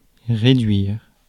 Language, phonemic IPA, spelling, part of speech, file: French, /ʁe.dɥiʁ/, réduire, verb, Fr-réduire.ogg
- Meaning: 1. to reduce 2. to cut (prices); to shorten (text); to reduce, scale down (pictures, etc.) 3. to reduce (someone) 4. to reduce (something) 5. to reduce, set